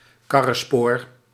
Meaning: cart track (basic type of dirt road)
- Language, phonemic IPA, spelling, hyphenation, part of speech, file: Dutch, /ˈkɑ.rə(n)ˌspoːr/, karrenspoor, kar‧ren‧spoor, noun, Nl-karrenspoor.ogg